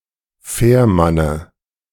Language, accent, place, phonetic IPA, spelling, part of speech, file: German, Germany, Berlin, [ˈfɛːɐ̯ˌmanə], Fährmanne, noun, De-Fährmanne.ogg
- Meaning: dative singular of Fährmann